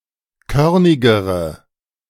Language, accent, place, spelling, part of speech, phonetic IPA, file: German, Germany, Berlin, körnigere, adjective, [ˈkœʁnɪɡəʁə], De-körnigere.ogg
- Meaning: inflection of körnig: 1. strong/mixed nominative/accusative feminine singular comparative degree 2. strong nominative/accusative plural comparative degree